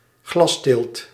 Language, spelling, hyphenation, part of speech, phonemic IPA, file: Dutch, glasteelt, glas‧teelt, noun, /ˈɣlɑs.teːlt/, Nl-glasteelt.ogg
- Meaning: greenhouse agriculture